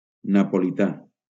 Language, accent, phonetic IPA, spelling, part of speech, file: Catalan, Valencia, [na.po.liˈta], napolità, adjective / noun, LL-Q7026 (cat)-napolità.wav
- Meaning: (adjective) Neapolitan (of, from or relating to the city of Naples, capital and largest city of Campania, Italy, or the surrounding metropolitan city)